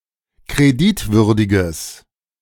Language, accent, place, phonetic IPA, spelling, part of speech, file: German, Germany, Berlin, [kʁeˈdɪtˌvʏʁdɪɡəs], kreditwürdiges, adjective, De-kreditwürdiges.ogg
- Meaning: strong/mixed nominative/accusative neuter singular of kreditwürdig